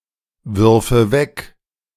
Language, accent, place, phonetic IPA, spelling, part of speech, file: German, Germany, Berlin, [ˌvʏʁfə ˈvɛk], würfe weg, verb, De-würfe weg.ogg
- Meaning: first/third-person singular subjunctive II of wegwerfen